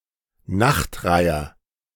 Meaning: night heron, specifically black-crowned night heron
- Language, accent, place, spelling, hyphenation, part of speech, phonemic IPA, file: German, Germany, Berlin, Nachtreiher, Nacht‧rei‧her, noun, /ˈnaxtˌʁaɪ̯ɐ/, De-Nachtreiher.ogg